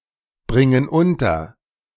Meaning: inflection of unterbringen: 1. first/third-person plural present 2. first/third-person plural subjunctive I
- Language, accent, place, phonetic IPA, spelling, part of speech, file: German, Germany, Berlin, [ˌbʁɪŋən ˈʊntɐ], bringen unter, verb, De-bringen unter.ogg